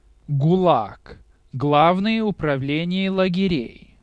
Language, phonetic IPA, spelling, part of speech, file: Russian, [ɡʊˈɫak], ГУЛАГ, noun, Ru-Gulag.ogg
- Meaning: acronym of Гла́вное управле́ние исправи́тельно-трудовы́х лагере́й (Glávnoje upravlénije ispravítelʹno-trudovýx lageréj, “chief administration of correctional labor camps”): gulag